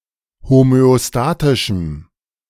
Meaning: strong dative masculine/neuter singular of homöostatisch
- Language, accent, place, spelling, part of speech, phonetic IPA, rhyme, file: German, Germany, Berlin, homöostatischem, adjective, [homøoˈstaːtɪʃm̩], -aːtɪʃm̩, De-homöostatischem.ogg